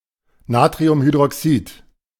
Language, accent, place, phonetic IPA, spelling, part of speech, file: German, Germany, Berlin, [ˈnaːtʁiʊmhydʁɔˌksiːt], Natriumhydroxid, noun, De-Natriumhydroxid.ogg
- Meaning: sodium hydroxide